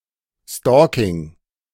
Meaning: stalking (crime of following or harassing another person, causing him or her to fear death or injury)
- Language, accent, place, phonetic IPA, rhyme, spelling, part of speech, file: German, Germany, Berlin, [ˈstɔːkɪŋ], -ɔːkɪŋ, Stalking, noun, De-Stalking.ogg